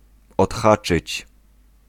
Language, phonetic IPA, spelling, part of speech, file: Polish, [ɔtˈxat͡ʃɨt͡ɕ], odhaczyć, verb, Pl-odhaczyć.ogg